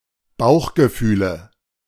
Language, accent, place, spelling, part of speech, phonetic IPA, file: German, Germany, Berlin, Bauchgefühle, noun, [ˈbaʊ̯xɡəˌfyːlə], De-Bauchgefühle.ogg
- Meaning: nominative/accusative/genitive plural of Bauchgefühl